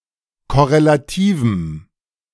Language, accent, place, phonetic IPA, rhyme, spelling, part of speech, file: German, Germany, Berlin, [kɔʁelaˈtiːvm̩], -iːvm̩, korrelativem, adjective, De-korrelativem.ogg
- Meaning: strong dative masculine/neuter singular of korrelativ